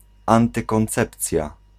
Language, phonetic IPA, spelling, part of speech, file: Polish, [ˌãntɨkɔ̃nˈt͡sɛpt͡sʲja], antykoncepcja, noun, Pl-antykoncepcja.ogg